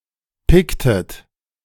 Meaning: inflection of picken: 1. second-person plural preterite 2. second-person plural subjunctive II
- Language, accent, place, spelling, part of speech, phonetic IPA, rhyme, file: German, Germany, Berlin, picktet, verb, [ˈpɪktət], -ɪktət, De-picktet.ogg